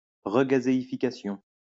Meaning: regassification
- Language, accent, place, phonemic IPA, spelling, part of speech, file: French, France, Lyon, /ʁə.ɡa.ze.i.fi.ka.sjɔ̃/, regazéification, noun, LL-Q150 (fra)-regazéification.wav